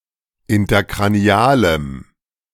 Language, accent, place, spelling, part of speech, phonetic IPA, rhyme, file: German, Germany, Berlin, interkranialem, adjective, [ɪntɐkʁaˈni̯aːləm], -aːləm, De-interkranialem.ogg
- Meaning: strong dative masculine/neuter singular of interkranial